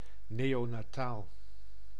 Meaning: neonatal
- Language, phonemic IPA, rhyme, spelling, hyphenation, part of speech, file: Dutch, /ˌneː.oː.naːˈtaːl/, -aːl, neonataal, neo‧na‧taal, adjective, Nl-neonataal.ogg